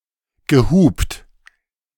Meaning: past participle of hupen
- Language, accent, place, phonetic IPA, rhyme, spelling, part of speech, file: German, Germany, Berlin, [ɡəˈhuːpt], -uːpt, gehupt, verb, De-gehupt.ogg